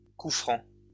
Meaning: free kick (kick played without interference of opposition)
- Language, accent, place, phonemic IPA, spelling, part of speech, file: French, France, Lyon, /ku fʁɑ̃/, coup franc, noun, LL-Q150 (fra)-coup franc.wav